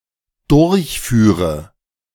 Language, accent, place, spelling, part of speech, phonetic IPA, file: German, Germany, Berlin, durchführe, verb, [ˈdʊʁçˌfyːʁə], De-durchführe.ogg
- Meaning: first/third-person singular dependent subjunctive II of durchfahren